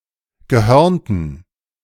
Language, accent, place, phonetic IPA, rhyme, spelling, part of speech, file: German, Germany, Berlin, [ɡəˈhœʁntn̩], -œʁntn̩, gehörnten, adjective, De-gehörnten.ogg
- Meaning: inflection of gehörnt: 1. strong genitive masculine/neuter singular 2. weak/mixed genitive/dative all-gender singular 3. strong/weak/mixed accusative masculine singular 4. strong dative plural